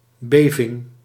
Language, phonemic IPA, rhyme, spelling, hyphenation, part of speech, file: Dutch, /ˈbeː.vɪŋ/, -eːvɪŋ, beving, be‧ving, noun, Nl-beving.ogg
- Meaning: tremor